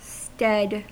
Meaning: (noun) 1. The position or function (of someone or something), as taken on by a successor 2. A place as it relates to a role, service, or ability; capacity
- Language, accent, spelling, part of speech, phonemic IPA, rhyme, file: English, US, stead, noun / verb, /stɛd/, -ɛd, En-us-stead.ogg